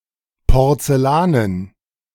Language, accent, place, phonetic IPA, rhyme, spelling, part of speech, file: German, Germany, Berlin, [pɔʁt͡sɛˈlaːnən], -aːnən, Porzellanen, noun, De-Porzellanen.ogg
- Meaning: dative plural of Porzellan